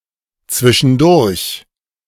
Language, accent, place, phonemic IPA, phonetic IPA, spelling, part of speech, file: German, Germany, Berlin, /ˌtsvɪʃənˈdʊʁç/, [ˌt͡sʋɪ.ʃn̩ˈdʊɐ̯ç], zwischendurch, adverb, De-zwischendurch.ogg
- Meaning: 1. between times, in between (during some period of time, dividing it into intervals) 2. in the meanwhile, interim (during an intermediate period)